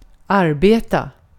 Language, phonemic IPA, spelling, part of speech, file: Swedish, /árˈbeːta/, arbeta, verb, Sv-arbeta.ogg
- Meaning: 1. to work, to be employed to do 2. to work; to do a specific task 3. to work; to shape or form some material 4. to work; to influence